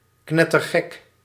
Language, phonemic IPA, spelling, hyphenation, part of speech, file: Dutch, /ˈknɛ.tərˌɣɛk/, knettergek, knet‧ter‧gek, adjective, Nl-knettergek.ogg
- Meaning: completely insane, stark raving mad